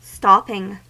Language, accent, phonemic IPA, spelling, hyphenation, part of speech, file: English, US, /ˈstɑpɪŋ/, stopping, stop‧ping, verb / noun, En-us-stopping.ogg
- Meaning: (verb) present participle and gerund of stop; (noun) 1. The act of something that stops; a halt 2. Material for filling a cavity in a tooth 3. A partition or door to direct or prevent a current of air